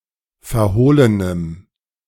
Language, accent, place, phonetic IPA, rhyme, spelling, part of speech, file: German, Germany, Berlin, [fɛɐ̯ˈhoːlənəm], -oːlənəm, verhohlenem, adjective, De-verhohlenem.ogg
- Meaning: strong dative masculine/neuter singular of verhohlen